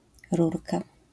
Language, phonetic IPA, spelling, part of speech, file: Polish, [ˈrurka], rurka, noun, LL-Q809 (pol)-rurka.wav